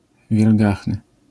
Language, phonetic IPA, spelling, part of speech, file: Polish, [vʲjɛlˈɡaxnɨ], wielgachny, adjective, LL-Q809 (pol)-wielgachny.wav